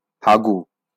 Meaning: poop, shit
- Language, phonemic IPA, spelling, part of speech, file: Bengali, /ˈhaɡu/, হাগু, noun, LL-Q9610 (ben)-হাগু.wav